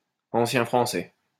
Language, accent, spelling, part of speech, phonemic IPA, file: French, France, ancien français, noun, /ɑ̃.sjɛ̃ fʁɑ̃.sɛ/, LL-Q150 (fra)-ancien français.wav
- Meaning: Old French (French language from 9th to the early 15th century)